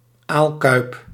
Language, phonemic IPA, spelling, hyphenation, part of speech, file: Dutch, /ˈaːl.kœy̯p/, aalkuip, aal‧kuip, noun, Nl-aalkuip.ogg
- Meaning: basin to keep eel in